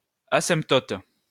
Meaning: asymptote
- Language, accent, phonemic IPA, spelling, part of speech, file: French, France, /a.sɛ̃p.tɔt/, asymptote, noun, LL-Q150 (fra)-asymptote.wav